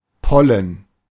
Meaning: pollen
- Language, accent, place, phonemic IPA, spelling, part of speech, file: German, Germany, Berlin, /ˈpɔlən/, Pollen, noun, De-Pollen.ogg